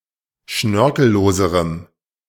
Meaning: strong dative masculine/neuter singular comparative degree of schnörkellos
- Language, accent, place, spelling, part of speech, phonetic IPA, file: German, Germany, Berlin, schnörkelloserem, adjective, [ˈʃnœʁkl̩ˌloːzəʁəm], De-schnörkelloserem.ogg